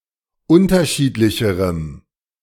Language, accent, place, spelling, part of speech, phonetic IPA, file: German, Germany, Berlin, unterschiedlicherem, adjective, [ˈʊntɐˌʃiːtlɪçəʁəm], De-unterschiedlicherem.ogg
- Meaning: strong dative masculine/neuter singular comparative degree of unterschiedlich